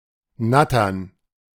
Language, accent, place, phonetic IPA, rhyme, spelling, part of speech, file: German, Germany, Berlin, [ˈnatɐn], -atɐn, Nattern, noun, De-Nattern.ogg
- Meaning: plural of Natter